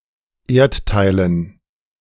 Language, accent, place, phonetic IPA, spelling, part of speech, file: German, Germany, Berlin, [ˈeːɐ̯tˌtaɪ̯lən], Erdteilen, noun, De-Erdteilen.ogg
- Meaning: dative plural of Erdteil